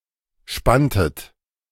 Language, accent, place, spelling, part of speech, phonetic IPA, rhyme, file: German, Germany, Berlin, spanntet, verb, [ˈʃpantət], -antət, De-spanntet.ogg
- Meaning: inflection of spannen: 1. second-person plural preterite 2. second-person plural subjunctive II